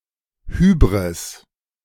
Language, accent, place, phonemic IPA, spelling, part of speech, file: German, Germany, Berlin, /ˈhyːbʁɪs/, Hybris, noun, De-Hybris.ogg
- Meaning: hubris